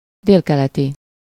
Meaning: southeastern
- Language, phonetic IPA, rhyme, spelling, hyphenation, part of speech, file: Hungarian, [ˈdeːlkɛlɛti], -ti, délkeleti, dél‧ke‧le‧ti, adjective, Hu-délkeleti.ogg